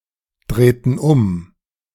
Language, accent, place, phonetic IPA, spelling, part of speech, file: German, Germany, Berlin, [ˌdʁeːtn̩ ˈʊm], drehten um, verb, De-drehten um.ogg
- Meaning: inflection of umdrehen: 1. first/third-person plural preterite 2. first/third-person plural subjunctive II